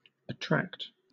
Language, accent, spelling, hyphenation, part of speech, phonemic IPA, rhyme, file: English, Southern England, attract, at‧tract, verb, /əˈtɹækt/, -ækt, LL-Q1860 (eng)-attract.wav
- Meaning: 1. To pull toward without touching 2. To draw by moral, emotional or sexual influence; to engage or fix, as the mind, attention, etc.; to invite or allure 3. To incur